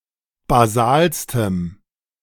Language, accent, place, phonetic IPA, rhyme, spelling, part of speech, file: German, Germany, Berlin, [baˈzaːlstəm], -aːlstəm, basalstem, adjective, De-basalstem.ogg
- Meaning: strong dative masculine/neuter singular superlative degree of basal